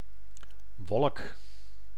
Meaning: cloud: 1. visible mass of atmospheric water 2. visible mass of matter, in the medium air, resembling an atmospheric cloud 3. visible mass of matter in any medium, resembling an atmospheric cloud
- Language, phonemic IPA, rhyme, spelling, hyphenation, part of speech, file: Dutch, /ʋɔlk/, -ɔlk, wolk, wolk, noun, Nl-wolk.ogg